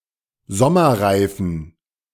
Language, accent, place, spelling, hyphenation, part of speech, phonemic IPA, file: German, Germany, Berlin, Sommerreifen, Som‧mer‧rei‧fen, noun, /ˈzɔmɐˌʁaɪ̯fn̩/, De-Sommerreifen.ogg
- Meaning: summer tire, summer tyre